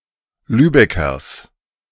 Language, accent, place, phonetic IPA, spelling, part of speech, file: German, Germany, Berlin, [ˈlyːbɛkɐs], Lübeckers, noun, De-Lübeckers.ogg
- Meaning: genitive singular of Lübecker